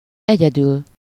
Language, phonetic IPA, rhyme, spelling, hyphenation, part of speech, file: Hungarian, [ˈɛɟɛdyl], -yl, egyedül, egye‧dül, adverb, Hu-egyedül.ogg
- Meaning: 1. alone, by oneself, on one's own 2. exclusively (nothing else, only the given thing)